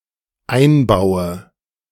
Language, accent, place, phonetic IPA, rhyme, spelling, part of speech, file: German, Germany, Berlin, [ˈaɪ̯nˌbaʊ̯ə], -aɪ̯nbaʊ̯ə, einbaue, verb, De-einbaue.ogg
- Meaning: inflection of einbauen: 1. first-person singular dependent present 2. first/third-person singular dependent subjunctive I